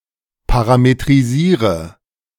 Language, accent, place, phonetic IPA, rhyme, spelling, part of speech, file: German, Germany, Berlin, [ˌpaʁametʁiˈziːʁə], -iːʁə, parametrisiere, verb, De-parametrisiere.ogg
- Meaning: inflection of parametrisieren: 1. first-person singular present 2. singular imperative 3. first/third-person singular subjunctive I